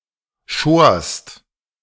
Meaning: second-person singular preterite of scheren
- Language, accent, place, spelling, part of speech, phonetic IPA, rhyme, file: German, Germany, Berlin, schorst, verb, [ʃoːɐ̯st], -oːɐ̯st, De-schorst.ogg